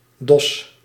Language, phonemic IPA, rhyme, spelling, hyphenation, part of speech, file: Dutch, /dɔs/, -ɔs, dos, dos, noun, Nl-dos.ogg
- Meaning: 1. garb, clothing, especially extravagant or unusual clothes 2. pelt, fur 3. patch of hair, especially one's headhair